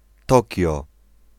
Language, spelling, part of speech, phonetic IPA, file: Polish, Tokio, proper noun, [ˈtɔcɔ], Pl-Tokio.ogg